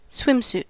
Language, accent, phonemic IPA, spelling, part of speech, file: English, US, /ˈswɪm.s(j)ut/, swimsuit, noun, En-us-swimsuit.ogg
- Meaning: 1. A garment worn for swimming 2. A tight-fitting one-piece garment worn by women and girls